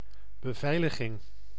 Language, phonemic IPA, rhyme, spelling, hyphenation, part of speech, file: Dutch, /bəˈvɛi̯ləɣɪŋ/, -ɛi̯ləɣɪŋ, beveiliging, be‧vei‧li‧ging, noun, Nl-beveiliging.ogg
- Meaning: protection, security